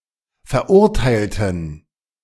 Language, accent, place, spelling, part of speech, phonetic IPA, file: German, Germany, Berlin, verurteilten, adjective / verb, [fɛɐ̯ˈʔʊʁtaɪ̯ltn̩], De-verurteilten.ogg
- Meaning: inflection of verurteilen: 1. first/third-person plural preterite 2. first/third-person plural subjunctive II